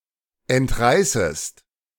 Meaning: second-person singular subjunctive I of entreißen
- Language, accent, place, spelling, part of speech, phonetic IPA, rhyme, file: German, Germany, Berlin, entreißest, verb, [ɛntˈʁaɪ̯səst], -aɪ̯səst, De-entreißest.ogg